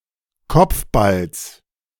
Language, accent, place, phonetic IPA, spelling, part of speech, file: German, Germany, Berlin, [ˈkɔp͡fˌbals], Kopfballs, noun, De-Kopfballs.ogg
- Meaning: genitive singular of Kopfball